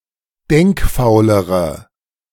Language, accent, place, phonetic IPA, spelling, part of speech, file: German, Germany, Berlin, [ˈdɛŋkˌfaʊ̯ləʁə], denkfaulere, adjective, De-denkfaulere.ogg
- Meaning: inflection of denkfaul: 1. strong/mixed nominative/accusative feminine singular comparative degree 2. strong nominative/accusative plural comparative degree